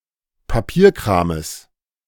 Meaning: genitive singular of Papierkram
- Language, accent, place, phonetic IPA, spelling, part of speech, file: German, Germany, Berlin, [paˈpiːɐ̯kʁaːməs], Papierkrames, noun, De-Papierkrames.ogg